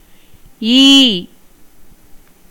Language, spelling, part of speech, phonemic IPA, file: Tamil, ஈ, character / noun / verb, /iː/, Ta-ஈ.ogg
- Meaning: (character) The fourth vowel in Tamil; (noun) 1. fly, housefly (Musca domestica) 2. bee 3. beetle; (verb) 1. to give, grant, bestow 2. to give instruction 3. to divide